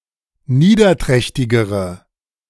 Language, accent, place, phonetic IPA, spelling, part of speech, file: German, Germany, Berlin, [ˈniːdɐˌtʁɛçtɪɡəʁə], niederträchtigere, adjective, De-niederträchtigere.ogg
- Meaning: inflection of niederträchtig: 1. strong/mixed nominative/accusative feminine singular comparative degree 2. strong nominative/accusative plural comparative degree